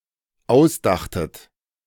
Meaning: second-person plural dependent preterite of ausdenken
- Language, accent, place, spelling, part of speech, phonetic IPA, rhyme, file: German, Germany, Berlin, ausdachtet, verb, [ˈaʊ̯sˌdaxtət], -aʊ̯sdaxtət, De-ausdachtet.ogg